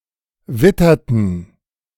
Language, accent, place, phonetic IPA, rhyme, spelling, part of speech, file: German, Germany, Berlin, [ˈvɪtɐtn̩], -ɪtɐtn̩, witterten, verb, De-witterten.ogg
- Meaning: inflection of wittern: 1. first/third-person plural preterite 2. first/third-person plural subjunctive II